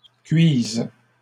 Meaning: second-person singular present subjunctive of cuire
- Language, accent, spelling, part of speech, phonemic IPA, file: French, Canada, cuises, verb, /kɥiz/, LL-Q150 (fra)-cuises.wav